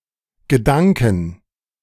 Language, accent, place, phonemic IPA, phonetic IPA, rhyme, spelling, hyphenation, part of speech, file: German, Germany, Berlin, /ɡəˈdaŋ.kən/, [ɡəˈdaŋkn̩], -aŋkn̩, Gedanken, Ge‧dan‧ken, noun, De-Gedanken.ogg
- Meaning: inflection of Gedanke: 1. accusative/dative singular 2. all cases plural